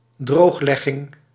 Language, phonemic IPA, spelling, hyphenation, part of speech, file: Dutch, /ˈdroːxˌlɛ.ɣɪŋ/, drooglegging, droog‧leg‧ging, noun, Nl-drooglegging.ogg
- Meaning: 1. drainage of a polder 2. alcohol ban, such as the Prohibition